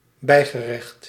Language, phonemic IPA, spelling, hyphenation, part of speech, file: Dutch, /ˈbɛi̯.ɣəˌrɛxt/, bijgerecht, bij‧ge‧recht, noun, Nl-bijgerecht.ogg
- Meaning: side dish